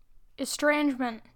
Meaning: 1. The act of estranging; the act of alienating; alienation 2. The state of being alien; foreign, non-native
- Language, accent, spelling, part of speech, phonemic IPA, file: English, US, estrangement, noun, /ɪsˈtɹeɪnd͡ʒmənt/, En-us-estrangement.wav